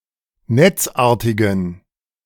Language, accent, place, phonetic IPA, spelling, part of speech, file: German, Germany, Berlin, [ˈnɛt͡sˌʔaːɐ̯tɪɡn̩], netzartigen, adjective, De-netzartigen.ogg
- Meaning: inflection of netzartig: 1. strong genitive masculine/neuter singular 2. weak/mixed genitive/dative all-gender singular 3. strong/weak/mixed accusative masculine singular 4. strong dative plural